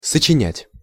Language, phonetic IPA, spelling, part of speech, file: Russian, [sət͡ɕɪˈnʲætʲ], сочинять, verb, Ru-сочинять.ogg
- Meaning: 1. to write, to compose (text, music) 2. to make up (an unreal story or excuse), to invent, to fabricate, to lie